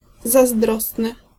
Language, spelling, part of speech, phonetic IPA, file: Polish, zazdrosny, adjective, [zazˈdrɔsnɨ], Pl-zazdrosny.ogg